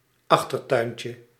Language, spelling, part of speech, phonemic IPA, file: Dutch, achtertuintje, noun, /ˈɑxtərtœyncə/, Nl-achtertuintje.ogg
- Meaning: diminutive of achtertuin